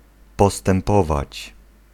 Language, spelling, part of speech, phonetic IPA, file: Polish, postępować, verb, [ˌpɔstɛ̃mˈpɔvat͡ɕ], Pl-postępować.ogg